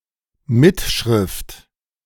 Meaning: transcript, written record
- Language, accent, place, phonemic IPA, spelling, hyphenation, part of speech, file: German, Germany, Berlin, /ˈmɪtˌʃʁɪft/, Mitschrift, Mit‧schrift, noun, De-Mitschrift.ogg